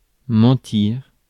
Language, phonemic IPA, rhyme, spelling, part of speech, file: French, /mɑ̃.tiʁ/, -iʁ, mentir, verb, Fr-mentir.ogg
- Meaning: to lie (say something untrue)